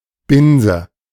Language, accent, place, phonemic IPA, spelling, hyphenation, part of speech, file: German, Germany, Berlin, /ˈbɪnzə/, Binse, Bin‧se, noun, De-Binse.ogg
- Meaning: 1. bent, rush (grass) 2. ellipsis of Binsenweisheit 3. state of failure, wreckedness, almost exclusively in the following construction